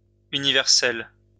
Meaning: feminine singular of universel
- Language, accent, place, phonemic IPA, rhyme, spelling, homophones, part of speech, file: French, France, Lyon, /y.ni.vɛʁ.sɛl/, -ɛl, universelle, universel / universelles / universels, adjective, LL-Q150 (fra)-universelle.wav